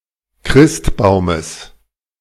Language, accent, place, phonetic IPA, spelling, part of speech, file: German, Germany, Berlin, [ˈkʁɪstˌbaʊ̯məs], Christbaumes, noun, De-Christbaumes.ogg
- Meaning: genitive singular of Christbaum